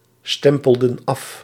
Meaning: inflection of afstempelen: 1. plural past indicative 2. plural past subjunctive
- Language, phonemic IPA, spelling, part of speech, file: Dutch, /ˈstɛmpəldə(n) ˈɑf/, stempelden af, verb, Nl-stempelden af.ogg